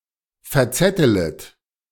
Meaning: second-person plural subjunctive I of verzetteln
- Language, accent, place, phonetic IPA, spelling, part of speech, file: German, Germany, Berlin, [fɛɐ̯ˈt͡sɛtələt], verzettelet, verb, De-verzettelet.ogg